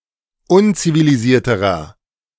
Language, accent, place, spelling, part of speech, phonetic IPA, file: German, Germany, Berlin, unzivilisierterer, adjective, [ˈʊnt͡siviliˌziːɐ̯təʁɐ], De-unzivilisierterer.ogg
- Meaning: inflection of unzivilisiert: 1. strong/mixed nominative masculine singular comparative degree 2. strong genitive/dative feminine singular comparative degree